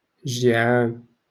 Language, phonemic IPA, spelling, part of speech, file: Moroccan Arabic, /ʒiː.ʕaːn/, جيعان, adjective, LL-Q56426 (ary)-جيعان.wav
- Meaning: hungry